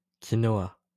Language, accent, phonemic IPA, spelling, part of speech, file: French, France, /ki.nɔ.a/, quinoa, noun, LL-Q150 (fra)-quinoa.wav
- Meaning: quinoa